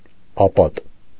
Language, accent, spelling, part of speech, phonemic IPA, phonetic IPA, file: Armenian, Eastern Armenian, ապատ, noun, /ɑˈpɑt/, [ɑpɑ́t], Hy-ապատ.ogg
- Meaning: inhabited place